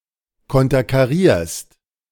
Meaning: second-person singular present of konterkarieren
- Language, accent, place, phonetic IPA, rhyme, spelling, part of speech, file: German, Germany, Berlin, [ˌkɔntɐkaˈʁiːɐ̯st], -iːɐ̯st, konterkarierst, verb, De-konterkarierst.ogg